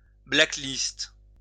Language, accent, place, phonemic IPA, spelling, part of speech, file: French, France, Lyon, /bla.klist/, blackliste, verb, LL-Q150 (fra)-blackliste.wav
- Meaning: inflection of blacklister: 1. first/third-person singular present indicative/subjunctive 2. second-person singular imperative